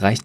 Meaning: inflection of reichen: 1. third-person singular present 2. second-person plural present 3. plural imperative
- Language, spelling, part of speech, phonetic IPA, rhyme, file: German, reicht, verb, [ʁaɪ̯çt], -aɪ̯çt, De-reicht.ogg